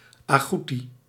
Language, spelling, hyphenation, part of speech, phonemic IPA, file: Dutch, agoeti, agoe‧ti, noun, /aˈɣuti/, Nl-agoeti.ogg
- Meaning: 1. agouti m 2. color of wild small mammals n